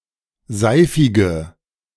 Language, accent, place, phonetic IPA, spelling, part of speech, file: German, Germany, Berlin, [ˈzaɪ̯fɪɡə], seifige, adjective, De-seifige.ogg
- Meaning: inflection of seifig: 1. strong/mixed nominative/accusative feminine singular 2. strong nominative/accusative plural 3. weak nominative all-gender singular 4. weak accusative feminine/neuter singular